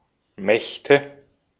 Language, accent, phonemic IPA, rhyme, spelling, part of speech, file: German, Austria, /ˈmɛçtə/, -ɛçtə, Mächte, noun, De-at-Mächte.ogg
- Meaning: nominative/accusative/genitive plural of Macht